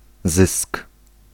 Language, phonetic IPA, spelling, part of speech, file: Polish, [zɨsk], zysk, noun, Pl-zysk.ogg